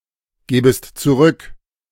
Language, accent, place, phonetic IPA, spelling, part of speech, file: German, Germany, Berlin, [ˌɡeːbəst t͡suˈʁʏk], gebest zurück, verb, De-gebest zurück.ogg
- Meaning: second-person singular subjunctive I of zurückgeben